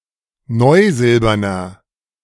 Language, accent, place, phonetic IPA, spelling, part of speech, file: German, Germany, Berlin, [ˈnɔɪ̯ˌzɪlbɐnɐ], neusilberner, adjective, De-neusilberner.ogg
- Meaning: inflection of neusilbern: 1. strong/mixed nominative masculine singular 2. strong genitive/dative feminine singular 3. strong genitive plural